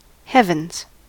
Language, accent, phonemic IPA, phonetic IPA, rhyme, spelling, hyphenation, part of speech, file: English, US, /ˈhɛvənz/, [ˈhɛvn̩z], -ɛvənz, heavens, heav‧ens, noun / interjection / verb, En-us-heavens.ogg
- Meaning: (noun) 1. The distant sky of the sun, moon, and stars 2. plural of heaven: the abode of God or the gods; the abode of the blessed departed 3. plural of heaven: the near sky of the weather, etc